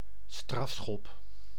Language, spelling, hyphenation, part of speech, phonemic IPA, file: Dutch, strafschop, straf‧schop, noun, /ˈstrɑf.sxɔp/, Nl-strafschop.ogg
- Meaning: penalty, a free-kick from the penalty spot awarded to the grieved team in football etc